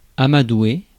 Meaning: 1. to coax; to sweet-talk (persuade gradually) 2. to cajole 3. to humour (person)
- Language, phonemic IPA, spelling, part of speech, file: French, /a.ma.dwe/, amadouer, verb, Fr-amadouer.ogg